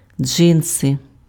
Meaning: jeans
- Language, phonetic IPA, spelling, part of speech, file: Ukrainian, [ˈd͡ʒɪnse], джинси, noun, Uk-джинси.ogg